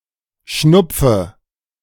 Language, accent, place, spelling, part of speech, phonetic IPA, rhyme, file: German, Germany, Berlin, schnupfe, verb, [ˈʃnʊp͡fə], -ʊp͡fə, De-schnupfe.ogg
- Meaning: inflection of schnupfen: 1. first-person singular present 2. first/third-person singular subjunctive I 3. singular imperative